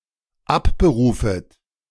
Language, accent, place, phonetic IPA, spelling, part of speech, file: German, Germany, Berlin, [ˈapbəˌʁuːfət], abberufet, verb, De-abberufet.ogg
- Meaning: second-person plural dependent subjunctive I of abberufen